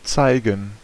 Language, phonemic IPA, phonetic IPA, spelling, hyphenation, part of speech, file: German, /ˈt͡saɪ̯ɡən/, [ˈt͡saɪ̯ɡŋ̍], zeigen, zei‧gen, verb, De-zeigen.ogg
- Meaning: to show, make see: 1. to point 2. to exhibit, allow to see 3. to exhibit, allow to see: to face reveal, to show one's face 4. to display, to manifest 5. to demonstrate, explain by doing